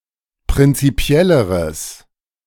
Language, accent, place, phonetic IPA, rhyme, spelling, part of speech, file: German, Germany, Berlin, [pʁɪnt͡siˈpi̯ɛləʁəs], -ɛləʁəs, prinzipielleres, adjective, De-prinzipielleres.ogg
- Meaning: strong/mixed nominative/accusative neuter singular comparative degree of prinzipiell